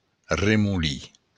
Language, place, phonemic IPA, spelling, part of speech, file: Occitan, Béarn, /re.muˈli/, remolin, noun, LL-Q14185 (oci)-remolin.wav
- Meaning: eddy